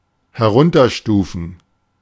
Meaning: 1. to downgrade 2. to degrade
- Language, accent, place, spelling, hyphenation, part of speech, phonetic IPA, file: German, Germany, Berlin, herunterstufen, he‧r‧un‧ter‧stu‧fen, verb, [hɛˈʁʊntɐˌʃtuːfn̩], De-herunterstufen.ogg